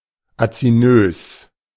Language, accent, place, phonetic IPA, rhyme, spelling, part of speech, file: German, Germany, Berlin, [at͡siˈnøːs], -øːs, azinös, adjective, De-azinös.ogg
- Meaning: acinose